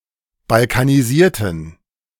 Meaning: inflection of balkanisieren: 1. first/third-person plural preterite 2. first/third-person plural subjunctive II
- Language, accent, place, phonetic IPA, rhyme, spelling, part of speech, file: German, Germany, Berlin, [balkaniˈziːɐ̯tn̩], -iːɐ̯tn̩, balkanisierten, adjective / verb, De-balkanisierten.ogg